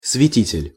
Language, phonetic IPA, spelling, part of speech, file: Russian, [svʲɪˈtʲitʲɪlʲ], святитель, noun, Ru-святитель.ogg
- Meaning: 1. prelate 2. saint who was an archbishop before being canonized